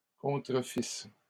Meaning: first-person singular imperfect subjunctive of contrefaire
- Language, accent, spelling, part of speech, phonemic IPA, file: French, Canada, contrefisse, verb, /kɔ̃.tʁə.fis/, LL-Q150 (fra)-contrefisse.wav